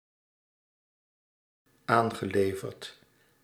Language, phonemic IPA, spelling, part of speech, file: Dutch, /ˈaŋɣəˌlevərt/, aangeleverd, verb, Nl-aangeleverd.ogg
- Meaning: past participle of aanleveren